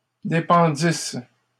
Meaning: first-person singular imperfect subjunctive of dépendre
- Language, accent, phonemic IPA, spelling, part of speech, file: French, Canada, /de.pɑ̃.dis/, dépendisse, verb, LL-Q150 (fra)-dépendisse.wav